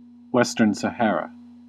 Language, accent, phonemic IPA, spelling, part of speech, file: English, US, /ˈwɛstɚn səˈhɛəɹə/, Western Sahara, proper noun, En-us-Western Sahara.ogg